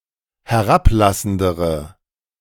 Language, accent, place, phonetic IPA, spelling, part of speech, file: German, Germany, Berlin, [hɛˈʁapˌlasn̩dəʁə], herablassendere, adjective, De-herablassendere.ogg
- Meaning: inflection of herablassend: 1. strong/mixed nominative/accusative feminine singular comparative degree 2. strong nominative/accusative plural comparative degree